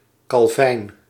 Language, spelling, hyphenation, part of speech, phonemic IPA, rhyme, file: Dutch, Calvijn, Cal‧vijn, proper noun, /kɑlˈvɛi̯n/, -ɛi̯n, Nl-Calvijn.ogg
- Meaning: a male given name, equivalent to English Calvin